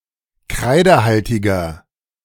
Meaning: inflection of kreidehaltig: 1. strong/mixed nominative masculine singular 2. strong genitive/dative feminine singular 3. strong genitive plural
- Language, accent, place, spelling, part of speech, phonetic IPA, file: German, Germany, Berlin, kreidehaltiger, adjective, [ˈkʁaɪ̯dəˌhaltɪɡɐ], De-kreidehaltiger.ogg